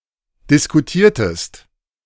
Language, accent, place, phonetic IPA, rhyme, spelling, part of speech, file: German, Germany, Berlin, [dɪskuˈtiːɐ̯təst], -iːɐ̯təst, diskutiertest, verb, De-diskutiertest.ogg
- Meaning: inflection of diskutieren: 1. second-person singular preterite 2. second-person singular subjunctive II